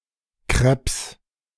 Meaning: 1. plural of Krepp 2. genitive singular of Krepp
- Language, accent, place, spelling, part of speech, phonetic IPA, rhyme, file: German, Germany, Berlin, Krepps, noun, [kʁɛps], -ɛps, De-Krepps.ogg